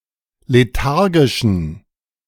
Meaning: inflection of lethargisch: 1. strong genitive masculine/neuter singular 2. weak/mixed genitive/dative all-gender singular 3. strong/weak/mixed accusative masculine singular 4. strong dative plural
- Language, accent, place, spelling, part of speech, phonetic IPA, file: German, Germany, Berlin, lethargischen, adjective, [leˈtaʁɡɪʃn̩], De-lethargischen.ogg